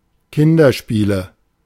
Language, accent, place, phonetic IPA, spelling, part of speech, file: German, Germany, Berlin, [ˈkɪndɐˌʃpiːlə], Kinderspiele, noun, De-Kinderspiele.ogg
- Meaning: nominative/accusative/genitive plural of Kinderspiel